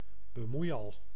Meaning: a busybody, a meddlesome person
- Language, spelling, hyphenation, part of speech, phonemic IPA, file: Dutch, bemoeial, be‧moei‧al, noun, /bəˈmui̯ɑl/, Nl-bemoeial.ogg